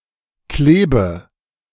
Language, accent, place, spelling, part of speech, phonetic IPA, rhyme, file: German, Germany, Berlin, klebe, verb, [ˈkleːbə], -eːbə, De-klebe.ogg
- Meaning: inflection of kleben: 1. first-person singular present 2. first/third-person singular subjunctive I 3. singular imperative